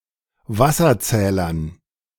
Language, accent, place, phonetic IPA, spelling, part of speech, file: German, Germany, Berlin, [ˈvasɐˌt͡sɛːlɐn], Wasserzählern, noun, De-Wasserzählern.ogg
- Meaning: dative plural of Wasserzähler